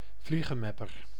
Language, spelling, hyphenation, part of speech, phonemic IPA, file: Dutch, vliegenmepper, vlie‧gen‧mep‧per, noun, /ˈvli.ɣə(n)ˌmɛ.pər/, Nl-vliegenmepper.ogg
- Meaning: flyswatter, implement to manually chase or squash small insects, such as flies